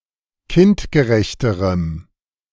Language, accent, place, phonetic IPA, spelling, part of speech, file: German, Germany, Berlin, [ˈkɪntɡəˌʁɛçtəʁəm], kindgerechterem, adjective, De-kindgerechterem.ogg
- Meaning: strong dative masculine/neuter singular comparative degree of kindgerecht